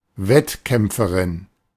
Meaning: a female competitor
- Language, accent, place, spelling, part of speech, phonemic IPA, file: German, Germany, Berlin, Wettkämpferin, noun, /ˈvɛtˌkɛmpfəʁɪn/, De-Wettkämpferin.ogg